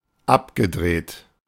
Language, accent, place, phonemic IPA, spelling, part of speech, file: German, Germany, Berlin, /ˈapɡəˌdʁeːt/, abgedreht, verb / adjective, De-abgedreht.ogg
- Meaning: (verb) past participle of abdrehen; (adjective) 1. crafty, dodgy (of a person) 2. crazy